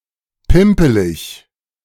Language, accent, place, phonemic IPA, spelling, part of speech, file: German, Germany, Berlin, /ˈpɪmpəlɪç/, pimpelig, adjective, De-pimpelig.ogg
- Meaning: namby-pamby